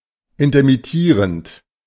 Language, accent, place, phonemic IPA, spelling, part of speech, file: German, Germany, Berlin, /ˌɪntɐmɪˈtiːʁənt/, intermittierend, verb / adjective, De-intermittierend.ogg
- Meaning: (verb) present participle of intermittieren; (adjective) intermittent